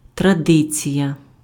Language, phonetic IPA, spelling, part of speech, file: Ukrainian, [trɐˈdɪt͡sʲijɐ], традиція, noun, Uk-традиція.ogg
- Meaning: tradition